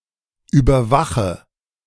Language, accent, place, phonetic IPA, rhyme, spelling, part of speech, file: German, Germany, Berlin, [ˌyːbɐˈvaxə], -axə, überwache, verb, De-überwache.ogg
- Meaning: inflection of überwachen: 1. first-person singular present 2. first/third-person singular subjunctive I 3. singular imperative